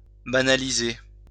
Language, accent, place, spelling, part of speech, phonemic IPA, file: French, France, Lyon, banaliser, verb, /ba.na.li.ze/, LL-Q150 (fra)-banaliser.wav
- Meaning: 1. to banalise 2. to downplay, normalize, trivialize; to dismiss something unusual and serious as commonplace